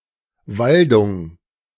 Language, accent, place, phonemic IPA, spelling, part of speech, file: German, Germany, Berlin, /ˈvaldʊŋ/, Waldung, noun, De-Waldung.ogg
- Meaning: wood (woodland)